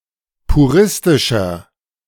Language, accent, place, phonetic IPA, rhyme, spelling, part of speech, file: German, Germany, Berlin, [puˈʁɪstɪʃɐ], -ɪstɪʃɐ, puristischer, adjective, De-puristischer.ogg
- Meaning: inflection of puristisch: 1. strong/mixed nominative masculine singular 2. strong genitive/dative feminine singular 3. strong genitive plural